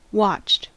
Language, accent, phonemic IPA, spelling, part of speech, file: English, US, /wɑt͡ʃt/, watched, verb / adjective, En-us-watched.ogg
- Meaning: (verb) simple past and past participle of watch; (adjective) 1. Monitored 2. Wearing a watch (a portable or wearable timepiece)